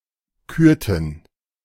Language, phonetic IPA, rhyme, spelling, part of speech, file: German, [ˈkyːɐ̯tn̩], -yːɐ̯tn̩, kürten, verb, De-kürten.oga
- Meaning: inflection of küren: 1. first/third-person plural preterite 2. first/third-person plural subjunctive II